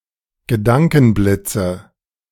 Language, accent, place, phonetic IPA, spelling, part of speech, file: German, Germany, Berlin, [ɡəˈdaŋkn̩ˌblɪt͡sə], Gedankenblitze, noun, De-Gedankenblitze.ogg
- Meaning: nominative/accusative/genitive plural of Gedankenblitz